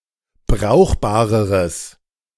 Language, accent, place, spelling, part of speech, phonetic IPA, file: German, Germany, Berlin, brauchbareres, adjective, [ˈbʁaʊ̯xbaːʁəʁəs], De-brauchbareres.ogg
- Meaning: strong/mixed nominative/accusative neuter singular comparative degree of brauchbar